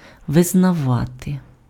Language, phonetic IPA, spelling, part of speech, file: Ukrainian, [ʋeznɐˈʋate], визнавати, verb, Uk-визнавати.ogg
- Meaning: to acknowledge, to recognize, to accept (admit as fact or truth)